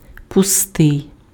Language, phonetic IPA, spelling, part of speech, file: Ukrainian, [pʊˈstɪi̯], пустий, adjective, Uk-пустий.ogg
- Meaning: 1. empty 2. hollow